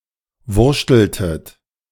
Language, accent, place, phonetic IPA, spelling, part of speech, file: German, Germany, Berlin, [ˈvʊʁʃtl̩tət], wurschteltet, verb, De-wurschteltet.ogg
- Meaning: inflection of wurschteln: 1. second-person plural preterite 2. second-person plural subjunctive II